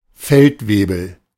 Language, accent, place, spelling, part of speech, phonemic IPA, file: German, Germany, Berlin, Feldwebel, noun, /ˈfɛltˌveːbəl/, De-Feldwebel.ogg
- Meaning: sergeant (noncommissioned officer)